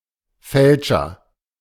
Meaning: faker; falsifier, forger
- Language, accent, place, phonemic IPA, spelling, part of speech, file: German, Germany, Berlin, /ˈfɛlʃɐ/, Fälscher, noun, De-Fälscher.ogg